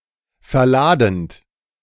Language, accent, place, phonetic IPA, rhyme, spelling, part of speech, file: German, Germany, Berlin, [fɛɐ̯ˈlaːdn̩t], -aːdn̩t, verladend, verb, De-verladend.ogg
- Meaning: present participle of verladen